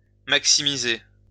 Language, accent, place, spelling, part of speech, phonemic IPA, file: French, France, Lyon, maximiser, verb, /mak.si.mi.ze/, LL-Q150 (fra)-maximiser.wav
- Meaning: to maximize